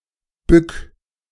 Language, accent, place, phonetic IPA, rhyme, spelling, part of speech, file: German, Germany, Berlin, [bʏk], -ʏk, bück, verb, De-bück.ogg
- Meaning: 1. singular imperative of bücken 2. first-person singular present of bücken